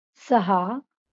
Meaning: six
- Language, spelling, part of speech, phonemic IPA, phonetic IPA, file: Marathi, सहा, numeral, /sə.ɦa/, [sa], LL-Q1571 (mar)-सहा.wav